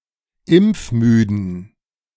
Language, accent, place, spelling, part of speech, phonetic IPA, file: German, Germany, Berlin, impfmüden, adjective, [ˈɪmp͡fˌmyːdn̩], De-impfmüden.ogg
- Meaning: inflection of impfmüde: 1. strong genitive masculine/neuter singular 2. weak/mixed genitive/dative all-gender singular 3. strong/weak/mixed accusative masculine singular 4. strong dative plural